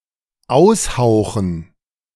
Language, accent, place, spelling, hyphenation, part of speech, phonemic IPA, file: German, Germany, Berlin, aushauchen, aus‧hau‧chen, verb, /ˈaʊ̯sˌhaʊ̯xn̩/, De-aushauchen.ogg
- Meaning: to exhale